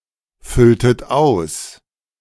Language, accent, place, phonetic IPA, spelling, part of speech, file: German, Germany, Berlin, [ˌfʏltət ˈaʊ̯s], fülltet aus, verb, De-fülltet aus.ogg
- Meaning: inflection of ausfüllen: 1. second-person plural preterite 2. second-person plural subjunctive II